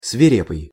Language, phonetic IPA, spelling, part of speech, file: Russian, [svʲɪˈrʲepɨj], свирепый, adjective, Ru-свирепый.ogg
- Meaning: 1. bloodthirsty, ferocious, savage 2. fierce, furious 3. wicked, atrocious, savage